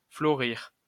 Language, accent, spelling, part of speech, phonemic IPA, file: French, France, florir, verb, /flɔ.ʁiʁ/, LL-Q150 (fra)-florir.wav
- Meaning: alternative form of fleurir